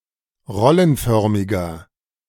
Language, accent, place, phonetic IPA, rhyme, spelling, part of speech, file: German, Germany, Berlin, [ˈʁɔlənˌfœʁmɪɡɐ], -ɔlənfœʁmɪɡɐ, rollenförmiger, adjective, De-rollenförmiger.ogg
- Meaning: inflection of rollenförmig: 1. strong/mixed nominative masculine singular 2. strong genitive/dative feminine singular 3. strong genitive plural